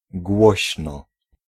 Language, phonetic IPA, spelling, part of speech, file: Polish, [ˈɡwɔɕnɔ], głośno, adverb, Pl-głośno.ogg